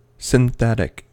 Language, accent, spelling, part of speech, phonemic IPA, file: English, US, synthetic, adjective / noun, /sɪnˈθɛtɪk/, En-us-synthetic.ogg
- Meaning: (adjective) 1. Of, or relating to synthesis 2. Produced by synthesis instead of being isolated from a natural source (but may be identical to a product so obtained)